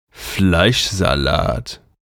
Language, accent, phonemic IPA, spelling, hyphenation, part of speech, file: German, Germany, /ˈflaɪ̯ʃ.zaˌlaːt/, Fleischsalat, Fleisch‧sa‧lat, noun, De-Fleischsalat.ogg
- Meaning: meat salad